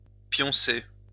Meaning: 1. to be sleeping 2. to go to sleep; to crash out, hit the hay
- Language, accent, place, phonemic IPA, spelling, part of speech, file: French, France, Lyon, /pjɔ̃.se/, pioncer, verb, LL-Q150 (fra)-pioncer.wav